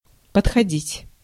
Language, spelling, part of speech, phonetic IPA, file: Russian, подходить, verb, [pətxɐˈdʲitʲ], Ru-подходить.ogg
- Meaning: 1. to fit (of an object, to match another object) 2. to come up (to), to approach, to go up (to) 3. to approach 4. to do (for); to suit 5. to arrive, to come